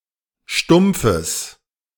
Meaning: genitive singular of Stumpf
- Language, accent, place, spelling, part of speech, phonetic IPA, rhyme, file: German, Germany, Berlin, Stumpfes, noun, [ˈʃtʊmp͡fəs], -ʊmp͡fəs, De-Stumpfes.ogg